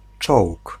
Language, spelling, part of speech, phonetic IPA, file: Polish, czołg, noun, [t͡ʃɔwk], Pl-czołg.ogg